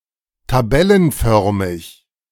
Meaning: 1. tabular 2. tabulated
- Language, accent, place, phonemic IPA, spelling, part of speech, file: German, Germany, Berlin, /taˈbɛlənˌfœʁmɪç/, tabellenförmig, adjective, De-tabellenförmig.ogg